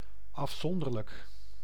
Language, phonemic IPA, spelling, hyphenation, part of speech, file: Dutch, /ˌɑfˈsɔn.dər.lək/, afzonderlijk, af‧zon‧der‧lijk, adjective, Nl-afzonderlijk.ogg
- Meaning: separate